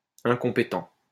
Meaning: incompetent
- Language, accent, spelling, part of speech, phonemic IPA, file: French, France, incompétent, adjective, /ɛ̃.kɔ̃.pe.tɑ̃/, LL-Q150 (fra)-incompétent.wav